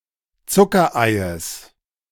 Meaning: genitive singular of Zuckerei
- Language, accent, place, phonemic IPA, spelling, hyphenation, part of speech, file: German, Germany, Berlin, /ˈt͡sʊkɐˌaɪ̯əs/, Zuckereies, Zu‧cker‧ei‧es, noun, De-Zuckereies.ogg